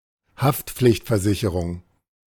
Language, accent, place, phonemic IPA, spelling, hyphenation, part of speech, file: German, Germany, Berlin, /ˈhaftpflɪçtfɛɐ̯ˌzɪçəʁʊŋ/, Haftpflichtversicherung, Haft‧pflicht‧ver‧si‧che‧rung, noun, De-Haftpflichtversicherung.ogg
- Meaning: liability insurance